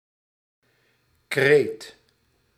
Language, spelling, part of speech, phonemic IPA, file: Dutch, kreet, noun / verb, /kret/, Nl-kreet.ogg
- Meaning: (noun) 1. a cry (shout) 2. slogan, motto, rallying cry; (verb) singular past indicative of krijten